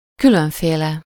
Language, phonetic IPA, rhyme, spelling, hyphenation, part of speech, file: Hungarian, [ˈkyløɱfeːlɛ], -lɛ, különféle, kü‧lön‧fé‧le, adjective, Hu-különféle.ogg
- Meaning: diverse, various (an eclectic range of)